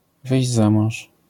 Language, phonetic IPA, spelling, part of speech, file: Polish, [ˈvɨjʑd͡ʑ ˈza‿mɔ̃w̃ʃ], wyjść za mąż, phrase, LL-Q809 (pol)-wyjść za mąż.wav